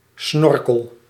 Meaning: 1. snorkel (swimming gear, breathing tube) 2. submarine snorkel, snort
- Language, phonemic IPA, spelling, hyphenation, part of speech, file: Dutch, /ˈsnɔr.kəl/, snorkel, snor‧kel, noun, Nl-snorkel.ogg